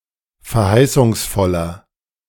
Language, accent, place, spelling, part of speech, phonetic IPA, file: German, Germany, Berlin, verheißungsvoller, adjective, [fɛɐ̯ˈhaɪ̯sʊŋsˌfɔlɐ], De-verheißungsvoller.ogg
- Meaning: 1. comparative degree of verheißungsvoll 2. inflection of verheißungsvoll: strong/mixed nominative masculine singular 3. inflection of verheißungsvoll: strong genitive/dative feminine singular